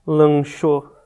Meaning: third-person singular preterite indicative of lanchar
- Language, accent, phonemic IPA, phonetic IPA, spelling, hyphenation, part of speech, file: Portuguese, Brazil, /lɐ̃ˈʃo(w)/, [lɐ̃ˈʃo(ʊ̯)], lanchou, lan‧chou, verb, Lanchou-pt-br.ogg